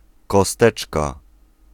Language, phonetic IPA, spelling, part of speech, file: Polish, [kɔˈstɛt͡ʃka], kosteczka, noun, Pl-kosteczka.ogg